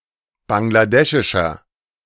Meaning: inflection of bangladeschisch: 1. strong/mixed nominative masculine singular 2. strong genitive/dative feminine singular 3. strong genitive plural
- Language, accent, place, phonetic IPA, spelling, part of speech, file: German, Germany, Berlin, [ˌbaŋlaˈdɛʃɪʃɐ], bangladeschischer, adjective, De-bangladeschischer.ogg